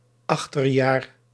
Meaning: autumn
- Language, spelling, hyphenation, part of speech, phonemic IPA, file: Dutch, achterjaar, ach‧ter‧jaar, noun, /ˈɑx.tərˌjaːr/, Nl-achterjaar.ogg